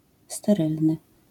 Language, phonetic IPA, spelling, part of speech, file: Polish, [stɛˈrɨlnɨ], sterylny, adjective, LL-Q809 (pol)-sterylny.wav